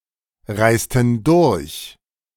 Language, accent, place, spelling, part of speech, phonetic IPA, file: German, Germany, Berlin, reisten durch, verb, [ˌʁaɪ̯stn̩ ˈdʊʁç], De-reisten durch.ogg
- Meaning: inflection of durchreisen: 1. first/third-person plural preterite 2. first/third-person plural subjunctive II